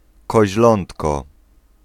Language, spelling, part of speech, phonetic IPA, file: Polish, koźlątko, noun, [kɔʑˈlɔ̃ntkɔ], Pl-koźlątko.ogg